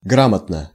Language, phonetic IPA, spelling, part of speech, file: Russian, [ˈɡramətnə], грамотно, adverb / adjective, Ru-грамотно.ogg
- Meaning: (adverb) 1. correctly, grammatically 2. competently, skilfully; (adjective) short neuter singular of гра́мотный (grámotnyj)